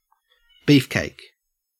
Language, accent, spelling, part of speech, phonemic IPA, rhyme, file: English, Australia, beefcake, noun, /ˈbiːfˌkeɪk/, -iːfkeɪk, En-au-beefcake.ogg
- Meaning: 1. Imagery of one or more muscular, well-built men 2. Such a male, especially as seen as physically desirable 3. A patty made of beef